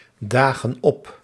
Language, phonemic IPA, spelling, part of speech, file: Dutch, /ˈdaɣə(n) ˈɔp/, dagen op, verb, Nl-dagen op.ogg
- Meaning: inflection of opdagen: 1. plural present indicative 2. plural present subjunctive